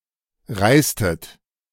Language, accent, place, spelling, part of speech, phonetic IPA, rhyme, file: German, Germany, Berlin, reistet, verb, [ˈʁaɪ̯stət], -aɪ̯stət, De-reistet.ogg
- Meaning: inflection of reisen: 1. second-person plural preterite 2. second-person plural subjunctive II